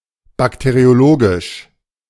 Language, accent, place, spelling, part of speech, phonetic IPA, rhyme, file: German, Germany, Berlin, bakteriologisch, adjective, [ˌbakteʁioˈloːɡɪʃ], -oːɡɪʃ, De-bakteriologisch.ogg
- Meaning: bacteriological